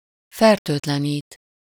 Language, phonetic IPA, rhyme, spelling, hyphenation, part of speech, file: Hungarian, [ˈfɛrtøːtlɛniːt], -iːt, fertőtlenít, fer‧tőt‧le‧nít, verb, Hu-fertőtlenít.ogg
- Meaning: to disinfect (to sterilize by the use of cleaning agent)